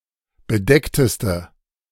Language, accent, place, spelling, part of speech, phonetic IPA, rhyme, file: German, Germany, Berlin, bedeckteste, adjective, [bəˈdɛktəstə], -ɛktəstə, De-bedeckteste.ogg
- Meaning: inflection of bedeckt: 1. strong/mixed nominative/accusative feminine singular superlative degree 2. strong nominative/accusative plural superlative degree